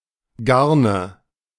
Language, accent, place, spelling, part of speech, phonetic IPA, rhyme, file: German, Germany, Berlin, Garne, noun, [ˈɡaʁnə], -aʁnə, De-Garne.ogg
- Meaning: nominative/accusative/genitive plural of Garn